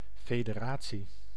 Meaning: 1. federation (constitutional system in which national and subnational levels of government share sovereignty) 2. federation (state with governance of the above type)
- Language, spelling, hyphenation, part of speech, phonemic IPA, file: Dutch, federatie, fe‧de‧ra‧tie, noun, /feː.deːˈraː.(t)si/, Nl-federatie.ogg